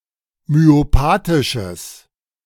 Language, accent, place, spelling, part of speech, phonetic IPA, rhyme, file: German, Germany, Berlin, myopathisches, adjective, [myoˈpaːtɪʃəs], -aːtɪʃəs, De-myopathisches.ogg
- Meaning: strong/mixed nominative/accusative neuter singular of myopathisch